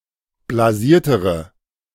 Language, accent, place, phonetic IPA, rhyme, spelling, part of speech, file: German, Germany, Berlin, [blaˈziːɐ̯təʁə], -iːɐ̯təʁə, blasiertere, adjective, De-blasiertere.ogg
- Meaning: inflection of blasiert: 1. strong/mixed nominative/accusative feminine singular comparative degree 2. strong nominative/accusative plural comparative degree